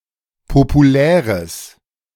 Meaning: strong/mixed nominative/accusative neuter singular of populär
- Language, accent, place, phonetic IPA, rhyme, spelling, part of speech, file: German, Germany, Berlin, [popuˈlɛːʁəs], -ɛːʁəs, populäres, adjective, De-populäres.ogg